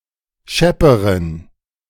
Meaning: inflection of schepp: 1. strong genitive masculine/neuter singular comparative degree 2. weak/mixed genitive/dative all-gender singular comparative degree
- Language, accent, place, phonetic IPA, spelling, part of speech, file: German, Germany, Berlin, [ˈʃɛpəʁən], schepperen, adjective, De-schepperen.ogg